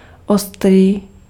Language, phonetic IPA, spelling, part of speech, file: Czech, [ˈostriː], ostrý, adjective, Cs-ostrý.ogg
- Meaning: 1. sharp (able to cut easily) 2. hot (of food and spice) 3. strict (of an inequality, such that it rules out the possibility of equality) 4. acute (of an angle, having less than 90 degrees)